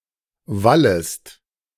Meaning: second-person singular subjunctive I of wallen
- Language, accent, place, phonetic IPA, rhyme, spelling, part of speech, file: German, Germany, Berlin, [ˈvaləst], -aləst, wallest, verb, De-wallest.ogg